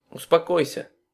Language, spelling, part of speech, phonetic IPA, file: Russian, успокойся, verb, [ʊspɐˈkojsʲə], Ru-успокойся.ogg
- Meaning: second-person singular imperative perfective of успоко́иться (uspokóitʹsja)